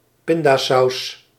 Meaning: peanut sauce
- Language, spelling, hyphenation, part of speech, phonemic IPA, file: Dutch, pindasaus, pin‧da‧saus, noun, /ˈpɪn.daːˌsɑu̯s/, Nl-pindasaus.ogg